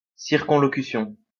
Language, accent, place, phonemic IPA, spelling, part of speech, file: French, France, Lyon, /siʁ.kɔ̃.lɔ.ky.sjɔ̃/, circonlocution, noun, LL-Q150 (fra)-circonlocution.wav
- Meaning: circumlocution